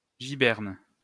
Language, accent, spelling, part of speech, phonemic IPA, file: French, France, giberne, noun, /ʒi.bɛʁn/, LL-Q150 (fra)-giberne.wav
- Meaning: cartridge box